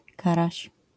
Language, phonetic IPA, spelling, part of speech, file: Polish, [ˈkaraɕ], karaś, noun, LL-Q809 (pol)-karaś.wav